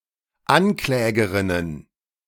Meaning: plural of Anklägerin
- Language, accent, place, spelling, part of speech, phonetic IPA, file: German, Germany, Berlin, Anklägerinnen, noun, [ˈanˌklɛːɡəʁɪnən], De-Anklägerinnen.ogg